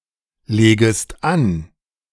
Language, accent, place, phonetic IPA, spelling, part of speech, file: German, Germany, Berlin, [ˌleːɡəst ˈan], legest an, verb, De-legest an.ogg
- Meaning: second-person singular subjunctive I of anlegen